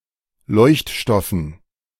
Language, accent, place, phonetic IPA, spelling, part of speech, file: German, Germany, Berlin, [ˈlɔɪ̯çtˌʃtɔfn̩], Leuchtstoffen, noun, De-Leuchtstoffen.ogg
- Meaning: dative plural of Leuchtstoff